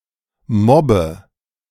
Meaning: inflection of mobben: 1. first-person singular present 2. first/third-person singular subjunctive I 3. singular imperative
- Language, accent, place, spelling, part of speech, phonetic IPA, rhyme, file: German, Germany, Berlin, mobbe, verb, [ˈmɔbə], -ɔbə, De-mobbe.ogg